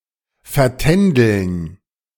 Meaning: to waste by dallying
- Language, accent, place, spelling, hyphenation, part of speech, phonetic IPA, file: German, Germany, Berlin, vertändeln, ver‧tän‧deln, verb, [fɛɐ̯.ˈtɛn.dəln], De-vertändeln.ogg